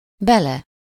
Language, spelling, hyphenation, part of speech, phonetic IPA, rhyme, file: Hungarian, bele, be‧le, pronoun / noun, [ˈbɛlɛ], -lɛ, Hu-bele.ogg
- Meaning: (pronoun) in/into him/her/it; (noun) third-person singular single-possession possessive of bél